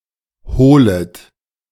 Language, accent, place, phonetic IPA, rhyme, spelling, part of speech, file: German, Germany, Berlin, [ˈhoːlət], -oːlət, holet, verb, De-holet.ogg
- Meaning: second-person plural subjunctive I of holen